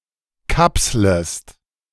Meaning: second-person singular subjunctive I of kapseln
- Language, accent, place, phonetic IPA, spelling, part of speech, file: German, Germany, Berlin, [ˈkapsləst], kapslest, verb, De-kapslest.ogg